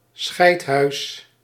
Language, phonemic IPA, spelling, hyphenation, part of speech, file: Dutch, /ˈsxɛi̯t.ɦœy̯s/, schijthuis, schijt‧huis, noun, Nl-schijthuis.ogg
- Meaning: 1. shithouse, outhouse 2. term of abuse for a coward